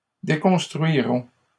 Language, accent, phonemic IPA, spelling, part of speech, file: French, Canada, /de.kɔ̃s.tʁɥi.ʁɔ̃/, déconstruiront, verb, LL-Q150 (fra)-déconstruiront.wav
- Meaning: third-person plural simple future of déconstruire